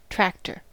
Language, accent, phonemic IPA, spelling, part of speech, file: English, US, /ˈtɹæktɚ/, tractor, noun / verb, En-us-tractor.ogg
- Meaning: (noun) 1. A vehicle used in farms e.g. for pulling farm equipment and preparing the fields 2. A movable coop without a floor to allow for free ranging